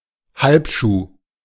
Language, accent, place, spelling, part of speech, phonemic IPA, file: German, Germany, Berlin, Halbschuh, noun, /ˈhalpˌʃuː/, De-Halbschuh.ogg
- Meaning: low shoe, loafer